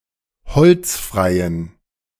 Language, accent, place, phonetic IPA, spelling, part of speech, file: German, Germany, Berlin, [ˈhɔlt͡sˌfʁaɪ̯ən], holzfreien, adjective, De-holzfreien.ogg
- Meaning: inflection of holzfrei: 1. strong genitive masculine/neuter singular 2. weak/mixed genitive/dative all-gender singular 3. strong/weak/mixed accusative masculine singular 4. strong dative plural